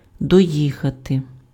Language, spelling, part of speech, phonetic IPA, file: Ukrainian, доїхати, verb, [dɔˈjixɐte], Uk-доїхати.ogg
- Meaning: to arrive (at), to reach